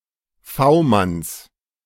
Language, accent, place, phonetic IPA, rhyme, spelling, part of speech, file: German, Germany, Berlin, [ˈfaʊ̯ˌmans], -aʊ̯mans, V-Manns, noun, De-V-Manns.ogg
- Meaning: genitive singular of V-Mann